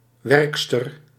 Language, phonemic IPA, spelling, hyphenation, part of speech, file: Dutch, /ˈʋɛrks.tər/, werkster, werk‧ster, noun, Nl-werkster.ogg
- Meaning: 1. maid (house cleaner) 2. female worker 3. worker female among eusocial insects